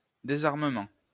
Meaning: disarmament
- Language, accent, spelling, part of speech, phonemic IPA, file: French, France, désarmement, noun, /de.zaʁ.mə.mɑ̃/, LL-Q150 (fra)-désarmement.wav